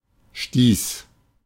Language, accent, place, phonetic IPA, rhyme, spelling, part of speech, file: German, Germany, Berlin, [ʃtiːs], -iːs, stieß, verb, De-stieß.ogg
- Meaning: first/third-person singular preterite of stoßen